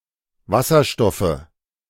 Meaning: inflection of Wasserstoff: 1. nominative/genitive/accusative plural 2. dative singular
- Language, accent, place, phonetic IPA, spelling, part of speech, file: German, Germany, Berlin, [ˈvasɐˌʃtɔfə], Wasserstoffe, noun, De-Wasserstoffe.ogg